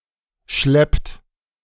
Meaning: inflection of schleppen: 1. third-person singular present 2. second-person plural present 3. plural imperative
- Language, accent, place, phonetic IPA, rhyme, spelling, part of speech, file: German, Germany, Berlin, [ʃlɛpt], -ɛpt, schleppt, verb, De-schleppt.ogg